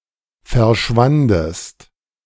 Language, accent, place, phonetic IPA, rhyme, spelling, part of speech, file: German, Germany, Berlin, [fɛɐ̯ˈʃvandəst], -andəst, verschwandest, verb, De-verschwandest.ogg
- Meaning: second-person singular preterite of verschwinden